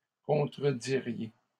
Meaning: second-person plural conditional of contredire
- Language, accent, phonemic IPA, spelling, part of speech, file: French, Canada, /kɔ̃.tʁə.di.ʁje/, contrediriez, verb, LL-Q150 (fra)-contrediriez.wav